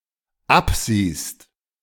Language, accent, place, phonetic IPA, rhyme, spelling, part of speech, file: German, Germany, Berlin, [ˈapˌziːst], -apziːst, absiehst, verb, De-absiehst.ogg
- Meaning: second-person singular dependent present of absehen